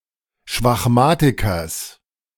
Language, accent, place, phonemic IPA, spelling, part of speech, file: German, Germany, Berlin, /ʃvaxˈmaːtɪkɐs/, Schwachmatikers, noun, De-Schwachmatikers.ogg
- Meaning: genitive singular of Schwachmatiker